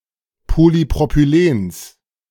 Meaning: genitive singular of Polypropylen
- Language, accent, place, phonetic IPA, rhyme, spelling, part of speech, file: German, Germany, Berlin, [polipʁopyˈleːns], -eːns, Polypropylens, noun, De-Polypropylens.ogg